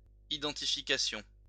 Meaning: identification
- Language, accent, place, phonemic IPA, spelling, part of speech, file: French, France, Lyon, /i.dɑ̃.ti.fi.ka.sjɔ̃/, identification, noun, LL-Q150 (fra)-identification.wav